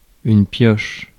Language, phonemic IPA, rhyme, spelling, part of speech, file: French, /pjɔʃ/, -ɔʃ, pioche, noun, Fr-pioche.ogg
- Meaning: 1. pickaxe 2. stock (stack of undealt cards made available to the players) 3. chance, luck